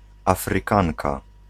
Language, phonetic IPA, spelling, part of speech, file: Polish, [ˌafrɨˈkãŋka], Afrykanka, noun, Pl-Afrykanka.ogg